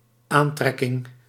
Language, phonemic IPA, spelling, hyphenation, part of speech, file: Dutch, /ˈaːnˌtrɛ.kɪŋ/, aantrekking, aan‧trek‧king, noun, Nl-aantrekking.ogg
- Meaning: attraction